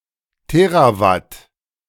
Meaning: terawatt
- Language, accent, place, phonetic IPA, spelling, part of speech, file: German, Germany, Berlin, [ˈteːʁaˌvat], Terawatt, noun, De-Terawatt.ogg